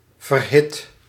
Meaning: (adjective) fiery, hot, feverish; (verb) 1. inflection of verhitten: first/second/third-person singular present indicative 2. inflection of verhitten: imperative 3. past participle of verhitten
- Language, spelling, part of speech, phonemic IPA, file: Dutch, verhit, verb / adjective, /vərˈhɪt/, Nl-verhit.ogg